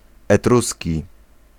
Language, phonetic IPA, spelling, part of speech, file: Polish, [ɛˈtrusʲci], etruski, adjective / noun, Pl-etruski.ogg